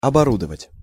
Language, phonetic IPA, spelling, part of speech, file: Russian, [ɐbɐˈrudəvətʲ], оборудовать, verb, Ru-оборудовать.ogg
- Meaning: to equip, to fit out, to rig